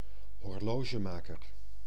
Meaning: watchmaker
- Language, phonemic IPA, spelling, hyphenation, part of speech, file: Dutch, /ɦɔrˈloː.ʒəˌmaː.kər/, horlogemaker, hor‧lo‧ge‧ma‧ker, noun, Nl-horlogemaker.ogg